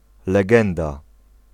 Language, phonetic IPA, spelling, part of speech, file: Polish, [lɛˈɡɛ̃nda], legenda, noun, Pl-legenda.ogg